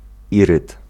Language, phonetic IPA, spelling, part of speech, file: Polish, [ˈirɨt], iryd, noun, Pl-iryd.ogg